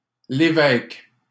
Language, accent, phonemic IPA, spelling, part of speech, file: French, Canada, /le.vɛk/, Lévesque, proper noun, LL-Q150 (fra)-Lévesque.wav
- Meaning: a surname, Levesque, originating as an occupation, equivalent to English Bishop